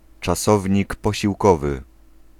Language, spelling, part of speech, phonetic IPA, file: Polish, czasownik posiłkowy, noun, [t͡ʃaˈsɔvʲɲik ˌpɔɕiwˈkɔvɨ], Pl-czasownik posiłkowy.ogg